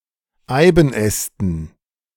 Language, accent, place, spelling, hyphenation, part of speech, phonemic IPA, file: German, Germany, Berlin, Eibenästen, Ei‧ben‧äs‧ten, noun, /ˈaɪ̯bn̩ˌɛstn̩/, De-Eibenästen.ogg
- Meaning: dative plural of Eibenast